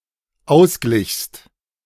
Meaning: second-person singular dependent preterite of ausgleichen
- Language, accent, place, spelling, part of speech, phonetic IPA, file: German, Germany, Berlin, ausglichst, verb, [ˈaʊ̯sˌɡlɪçst], De-ausglichst.ogg